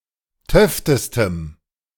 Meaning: strong dative masculine/neuter singular superlative degree of töfte
- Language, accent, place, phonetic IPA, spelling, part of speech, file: German, Germany, Berlin, [ˈtœftəstəm], töftestem, adjective, De-töftestem.ogg